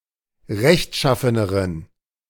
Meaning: inflection of rechtschaffen: 1. strong genitive masculine/neuter singular comparative degree 2. weak/mixed genitive/dative all-gender singular comparative degree
- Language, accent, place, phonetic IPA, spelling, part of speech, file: German, Germany, Berlin, [ˈʁɛçtˌʃafənəʁən], rechtschaffeneren, adjective, De-rechtschaffeneren.ogg